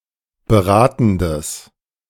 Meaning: strong/mixed nominative/accusative neuter singular of beratend
- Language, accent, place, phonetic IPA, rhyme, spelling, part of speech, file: German, Germany, Berlin, [bəˈʁaːtn̩dəs], -aːtn̩dəs, beratendes, adjective, De-beratendes.ogg